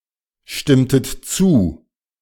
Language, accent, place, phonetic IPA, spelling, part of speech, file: German, Germany, Berlin, [ˌʃtɪmtət ˈt͡suː], stimmtet zu, verb, De-stimmtet zu.ogg
- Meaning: inflection of zustimmen: 1. second-person plural preterite 2. second-person plural subjunctive II